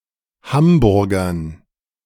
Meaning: to speak with a Hamburg accent
- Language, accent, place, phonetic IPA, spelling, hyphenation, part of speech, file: German, Germany, Berlin, [ˈhamˌbʊʁɡɐn], hamburgern, ham‧bur‧gern, verb, De-hamburgern.ogg